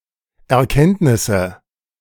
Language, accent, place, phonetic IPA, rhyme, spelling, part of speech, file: German, Germany, Berlin, [ɛɐ̯ˈkɛntnɪsə], -ɛntnɪsə, Erkenntnisse, noun, De-Erkenntnisse.ogg
- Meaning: nominative/accusative/genitive plural of Erkenntnis